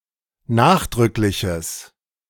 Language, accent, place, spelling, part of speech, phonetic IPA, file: German, Germany, Berlin, nachdrückliches, adjective, [ˈnaːxdʁʏklɪçəs], De-nachdrückliches.ogg
- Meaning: strong/mixed nominative/accusative neuter singular of nachdrücklich